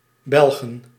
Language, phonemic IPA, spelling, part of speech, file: Dutch, /ˈbɛlɣə(n)/, Belgen, noun, Nl-Belgen.ogg
- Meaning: plural of Belg